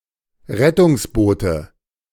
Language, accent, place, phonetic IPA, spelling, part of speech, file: German, Germany, Berlin, [ˈʁɛtʊŋsˌboːtə], Rettungsboote, noun, De-Rettungsboote.ogg
- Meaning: nominative/accusative/genitive plural of Rettungsboot